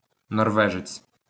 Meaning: Norwegian (male person from Norway)
- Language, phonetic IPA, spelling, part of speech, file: Ukrainian, [nɔrˈʋɛʒet͡sʲ], норвежець, noun, LL-Q8798 (ukr)-норвежець.wav